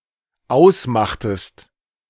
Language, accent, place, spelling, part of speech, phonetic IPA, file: German, Germany, Berlin, ausmachtest, verb, [ˈaʊ̯sˌmaxtəst], De-ausmachtest.ogg
- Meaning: inflection of ausmachen: 1. second-person singular dependent preterite 2. second-person singular dependent subjunctive II